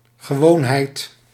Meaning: 1. normalcy, normalness 2. custom, habit
- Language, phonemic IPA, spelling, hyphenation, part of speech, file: Dutch, /ɣəˈʋoːnˌɦɛi̯t/, gewoonheid, ge‧woon‧heid, noun, Nl-gewoonheid.ogg